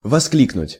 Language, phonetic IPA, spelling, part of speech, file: Russian, [vɐˈsklʲiknʊtʲ], воскликнуть, verb, Ru-воскликнуть.ogg
- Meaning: to exclaim, to cry